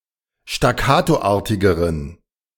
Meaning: inflection of staccatoartig: 1. strong genitive masculine/neuter singular comparative degree 2. weak/mixed genitive/dative all-gender singular comparative degree
- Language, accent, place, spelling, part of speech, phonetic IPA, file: German, Germany, Berlin, staccatoartigeren, adjective, [ʃtaˈkaːtoˌʔaːɐ̯tɪɡəʁən], De-staccatoartigeren.ogg